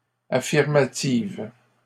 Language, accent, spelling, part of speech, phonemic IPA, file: French, Canada, affirmative, adjective, /a.fiʁ.ma.tiv/, LL-Q150 (fra)-affirmative.wav
- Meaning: feminine singular of affirmatif